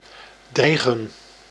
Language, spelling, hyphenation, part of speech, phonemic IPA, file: Dutch, dreigen, drei‧gen, verb, /ˈdrɛi̯ɣə(n)/, Nl-dreigen.ogg
- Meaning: 1. to threaten 2. to be imminent, to loom